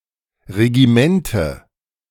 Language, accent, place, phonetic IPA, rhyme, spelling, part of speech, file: German, Germany, Berlin, [ʁeɡiˈmɛntə], -ɛntə, Regimente, noun, De-Regimente.ogg
- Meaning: nominative/accusative/genitive plural of Regiment